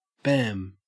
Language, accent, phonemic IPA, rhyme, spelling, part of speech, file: English, Australia, /bæm/, -æm, bam, interjection / noun / verb, En-au-bam.ogg
- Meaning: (interjection) 1. Representing a loud noise or heavy impact 2. Representing a sudden or abrupt occurrence; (noun) 1. A ned; a bampot 2. An imposition; a cheat; a hoax